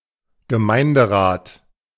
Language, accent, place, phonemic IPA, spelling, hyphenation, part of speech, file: German, Germany, Berlin, /ɡəˈmaɪ̯ndəˌʁaːt/, Gemeinderat, Ge‧mein‧de‧rat, noun, De-Gemeinderat.ogg
- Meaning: 1. a local authority in Germany, Austria, Switzerland or East Belgium 2. a member of such a local authority